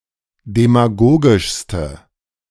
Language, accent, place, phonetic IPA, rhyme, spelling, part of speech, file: German, Germany, Berlin, [demaˈɡoːɡɪʃstə], -oːɡɪʃstə, demagogischste, adjective, De-demagogischste.ogg
- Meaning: inflection of demagogisch: 1. strong/mixed nominative/accusative feminine singular superlative degree 2. strong nominative/accusative plural superlative degree